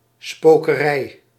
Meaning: 1. haunting, spookiness, haunt (activity by ghosts) 2. magic, magical stuff, mumbo jumbo, superstition
- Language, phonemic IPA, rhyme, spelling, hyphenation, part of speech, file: Dutch, /ˌspoː.kəˈrɛi̯/, -ɛi̯, spokerij, spo‧ke‧rij, noun, Nl-spokerij.ogg